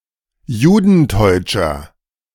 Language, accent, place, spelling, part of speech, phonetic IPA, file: German, Germany, Berlin, judenteutscher, adjective, [ˈjuːdn̩ˌtɔɪ̯t͡ʃɐ], De-judenteutscher.ogg
- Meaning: inflection of judenteutsch: 1. strong/mixed nominative masculine singular 2. strong genitive/dative feminine singular 3. strong genitive plural